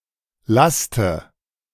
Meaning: inflection of lasten: 1. first-person singular present 2. first/third-person singular subjunctive I 3. singular imperative
- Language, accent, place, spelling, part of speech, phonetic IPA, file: German, Germany, Berlin, laste, verb, [ˈlastə], De-laste.ogg